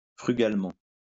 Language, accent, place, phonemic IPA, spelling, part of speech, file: French, France, Lyon, /fʁy.ɡal.mɑ̃/, frugalement, adverb, LL-Q150 (fra)-frugalement.wav
- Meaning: frugally